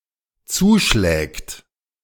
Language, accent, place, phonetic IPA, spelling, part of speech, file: German, Germany, Berlin, [ˈt͡suːˌʃlɛːkt], zuschlägt, verb, De-zuschlägt.ogg
- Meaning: third-person singular dependent present of zuschlagen